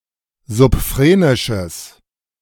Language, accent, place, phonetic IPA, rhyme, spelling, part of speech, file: German, Germany, Berlin, [zʊpˈfʁeːnɪʃəs], -eːnɪʃəs, subphrenisches, adjective, De-subphrenisches.ogg
- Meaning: strong/mixed nominative/accusative neuter singular of subphrenisch